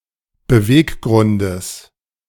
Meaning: genitive singular of Beweggrund
- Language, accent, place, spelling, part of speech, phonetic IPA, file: German, Germany, Berlin, Beweggrundes, noun, [bəˈveːkˌɡʁʊndəs], De-Beweggrundes.ogg